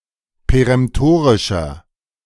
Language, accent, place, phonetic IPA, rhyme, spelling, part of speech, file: German, Germany, Berlin, [peʁɛmˈtoːʁɪʃɐ], -oːʁɪʃɐ, peremtorischer, adjective, De-peremtorischer.ogg
- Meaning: inflection of peremtorisch: 1. strong/mixed nominative masculine singular 2. strong genitive/dative feminine singular 3. strong genitive plural